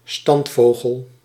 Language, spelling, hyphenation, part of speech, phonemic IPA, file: Dutch, standvogel, stand‧vo‧gel, noun, /ˈstɑntˌfoː.ɣəl/, Nl-standvogel.ogg
- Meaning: sedentary bird (bird of a non-migratory population)